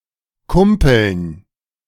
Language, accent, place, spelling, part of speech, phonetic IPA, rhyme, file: German, Germany, Berlin, Kumpeln, noun, [ˈkʊmpl̩n], -ʊmpl̩n, De-Kumpeln.ogg
- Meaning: dative plural of Kumpel